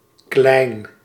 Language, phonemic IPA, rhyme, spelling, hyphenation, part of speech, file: Dutch, /klɛi̯n/, -ɛi̯n, klein, klein, adjective, Nl-klein.ogg
- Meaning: 1. small, little 2. almost